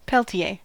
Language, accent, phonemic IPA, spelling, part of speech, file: English, UK, /ˈpɛltie/, Peltier, proper noun, En-us-Peltier.ogg
- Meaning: A surname from French